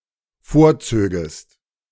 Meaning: second-person singular dependent subjunctive II of vorziehen
- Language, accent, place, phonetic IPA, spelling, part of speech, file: German, Germany, Berlin, [ˈfoːɐ̯ˌt͡søːɡəst], vorzögest, verb, De-vorzögest.ogg